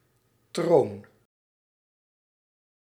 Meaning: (noun) 1. throne (ornamental seat) 2. throne (angel of an order between cherubim and dominions); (verb) inflection of tronen: first-person singular present indicative
- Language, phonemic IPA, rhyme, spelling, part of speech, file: Dutch, /troːn/, -oːn, troon, noun / verb, Nl-troon.ogg